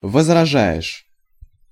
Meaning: second-person singular present indicative imperfective of возража́ть (vozražátʹ)
- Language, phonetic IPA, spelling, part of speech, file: Russian, [vəzrɐˈʐa(j)ɪʂ], возражаешь, verb, Ru-возражаешь.ogg